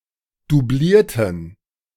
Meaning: inflection of doublieren: 1. first/third-person plural preterite 2. first/third-person plural subjunctive II
- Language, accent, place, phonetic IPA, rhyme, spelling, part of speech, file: German, Germany, Berlin, [duˈbliːɐ̯tn̩], -iːɐ̯tn̩, doublierten, adjective / verb, De-doublierten.ogg